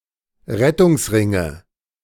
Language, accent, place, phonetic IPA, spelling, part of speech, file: German, Germany, Berlin, [ˈʁɛtʊŋsˌʁɪŋə], Rettungsringe, noun, De-Rettungsringe.ogg
- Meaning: nominative/accusative/genitive plural of Rettungsring